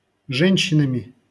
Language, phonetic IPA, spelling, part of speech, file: Russian, [ˈʐɛnʲɕːɪnəmʲɪ], женщинами, noun, LL-Q7737 (rus)-женщинами.wav
- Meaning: instrumental plural of же́нщина (žénščina)